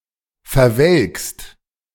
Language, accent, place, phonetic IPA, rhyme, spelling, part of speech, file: German, Germany, Berlin, [fɛɐ̯ˈvɛlkst], -ɛlkst, verwelkst, verb, De-verwelkst.ogg
- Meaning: second-person singular present of verwelken